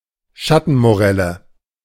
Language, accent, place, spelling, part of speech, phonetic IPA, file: German, Germany, Berlin, Schattenmorelle, noun, [ˈʃatn̩moˌʁɛlə], De-Schattenmorelle.ogg
- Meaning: 1. morello cherry (fruit) 2. morello (tree)